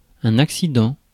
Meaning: accident
- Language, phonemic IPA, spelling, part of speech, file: French, /ak.si.dɑ̃/, accident, noun, Fr-accident.ogg